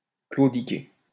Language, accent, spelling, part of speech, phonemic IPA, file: French, France, claudiquer, verb, /klo.di.ke/, LL-Q150 (fra)-claudiquer.wav
- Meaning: to limp